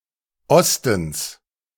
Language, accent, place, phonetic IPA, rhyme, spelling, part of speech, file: German, Germany, Berlin, [ˈɔstn̩s], -ɔstn̩s, Ostens, noun, De-Ostens.ogg
- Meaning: genitive singular of Osten